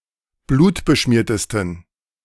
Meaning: 1. superlative degree of blutbeschmiert 2. inflection of blutbeschmiert: strong genitive masculine/neuter singular superlative degree
- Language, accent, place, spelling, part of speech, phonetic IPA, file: German, Germany, Berlin, blutbeschmiertesten, adjective, [ˈbluːtbəˌʃmiːɐ̯təstn̩], De-blutbeschmiertesten.ogg